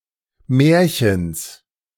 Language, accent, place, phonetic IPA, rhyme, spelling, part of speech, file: German, Germany, Berlin, [ˈmɛːɐ̯çəns], -ɛːɐ̯çəns, Märchens, noun, De-Märchens.ogg
- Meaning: genitive singular of Märchen